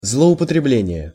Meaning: 1. abuse, misuse 2. excessive usage
- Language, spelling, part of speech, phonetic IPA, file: Russian, злоупотребление, noun, [zɫəʊpətrʲɪˈblʲenʲɪje], Ru-злоупотребление.ogg